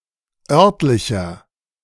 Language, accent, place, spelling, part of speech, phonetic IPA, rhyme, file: German, Germany, Berlin, örtlicher, adjective, [ˈœʁtlɪçɐ], -œʁtlɪçɐ, De-örtlicher.ogg
- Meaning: inflection of örtlich: 1. strong/mixed nominative masculine singular 2. strong genitive/dative feminine singular 3. strong genitive plural